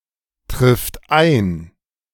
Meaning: third-person singular present of eintreffen
- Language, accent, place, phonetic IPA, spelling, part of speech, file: German, Germany, Berlin, [ˌtʁɪft ˈaɪ̯n], trifft ein, verb, De-trifft ein.ogg